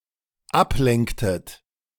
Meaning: inflection of ablenken: 1. second-person plural dependent preterite 2. second-person plural dependent subjunctive II
- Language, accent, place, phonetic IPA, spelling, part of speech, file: German, Germany, Berlin, [ˈapˌlɛŋktət], ablenktet, verb, De-ablenktet.ogg